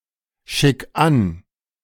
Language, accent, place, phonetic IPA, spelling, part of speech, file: German, Germany, Berlin, [ˌʃɪk ˈan], schick an, verb, De-schick an.ogg
- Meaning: 1. singular imperative of anschicken 2. first-person singular present of anschicken